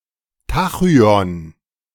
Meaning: tachyon
- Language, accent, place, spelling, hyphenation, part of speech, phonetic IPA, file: German, Germany, Berlin, Tachyon, Ta‧chy‧on, noun, [ˈtaxyɔn], De-Tachyon.ogg